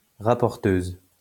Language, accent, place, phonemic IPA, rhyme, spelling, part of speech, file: French, France, Lyon, /ʁa.pɔʁ.tøz/, -øz, rapporteuse, noun, LL-Q150 (fra)-rapporteuse.wav
- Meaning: female equivalent of rapporteur